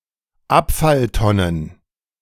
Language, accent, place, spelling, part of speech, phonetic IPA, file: German, Germany, Berlin, Abfalltonnen, noun, [ˈapfalˌtɔnən], De-Abfalltonnen.ogg
- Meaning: plural of Abfalltonne